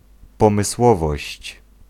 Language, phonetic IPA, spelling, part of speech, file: Polish, [ˌpɔ̃mɨˈswɔvɔɕt͡ɕ], pomysłowość, noun, Pl-pomysłowość.ogg